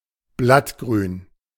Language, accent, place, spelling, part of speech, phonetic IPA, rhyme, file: German, Germany, Berlin, Blattgrün, noun, [ˈblatˌɡʁyːn], -atɡʁyːn, De-Blattgrün.ogg
- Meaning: 1. chlorophyll 2. green leaves of vegetables 3. green leaves of vegetables: foliage, greenery, leaves (foliage on a tree, particularly in summer)